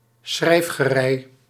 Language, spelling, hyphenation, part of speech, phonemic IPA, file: Dutch, schrijfgerei, schrijf‧ge‧rei, noun, /ˈsxrɛi̯f.xəˌrɛi̯/, Nl-schrijfgerei.ogg
- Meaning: stationery, writing materials, writing implements